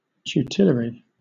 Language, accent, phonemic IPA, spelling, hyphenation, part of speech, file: English, Southern England, /ˈtjuːtɪləɹɪ/, tutelary, tu‧te‧la‧ry, adjective / noun, LL-Q1860 (eng)-tutelary.wav
- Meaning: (adjective) 1. Relating to guardianship or protection 2. Of or pertaining to a guardian 3. Having the qualities of a tutor